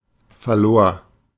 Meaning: first/third-person singular preterite of verlieren
- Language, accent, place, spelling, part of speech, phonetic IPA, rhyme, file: German, Germany, Berlin, verlor, verb, [fɛɐ̯ˈloːɐ̯], -oːɐ̯, De-verlor.ogg